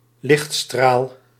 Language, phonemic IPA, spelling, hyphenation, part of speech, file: Dutch, /ˈlɪxt.straːl/, lichtstraal, licht‧straal, noun, Nl-lichtstraal.ogg
- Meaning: ray of light, beam of light